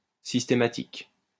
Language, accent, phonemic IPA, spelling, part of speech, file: French, France, /sis.te.ma.tik/, systématique, adjective, LL-Q150 (fra)-systématique.wav
- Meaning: systematic (following or conforming to a system)